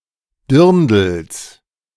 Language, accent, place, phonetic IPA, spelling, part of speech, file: German, Germany, Berlin, [ˈdɪʁndl̩s], Dirndls, noun, De-Dirndls.ogg
- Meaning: genitive singular of Dirndl